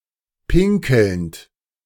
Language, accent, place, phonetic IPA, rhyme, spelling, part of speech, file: German, Germany, Berlin, [ˈpɪŋkl̩nt], -ɪŋkl̩nt, pinkelnd, verb, De-pinkelnd.ogg
- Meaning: present participle of pinkeln